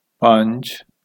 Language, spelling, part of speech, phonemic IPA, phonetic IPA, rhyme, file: Punjabi, ਪੰਜ, numeral, /pəɲd͡ʒ/, [pəɲd͡ʒ(ə̆)], -əɲd͡ʒ, Pa-ਪੰਜ.ogg
- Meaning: five